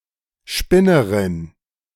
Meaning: 1. A female spinner who makes yarn 2. A female idiot
- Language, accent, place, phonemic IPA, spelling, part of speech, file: German, Germany, Berlin, /ˈʃpɪnəʁɪn/, Spinnerin, noun, De-Spinnerin.ogg